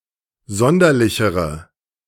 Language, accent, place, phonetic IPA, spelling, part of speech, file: German, Germany, Berlin, [ˈzɔndɐlɪçəʁə], sonderlichere, adjective, De-sonderlichere.ogg
- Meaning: inflection of sonderlich: 1. strong/mixed nominative/accusative feminine singular comparative degree 2. strong nominative/accusative plural comparative degree